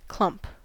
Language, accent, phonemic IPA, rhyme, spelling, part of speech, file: English, US, /klʌmp/, -ʌmp, clump, noun / verb, En-us-clump.ogg
- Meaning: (noun) 1. A cluster or lump; an unshaped piece or mass 2. A thick group or bunch, especially of bushes or hair 3. A small group of trees or other plants growing together 4. A dull thud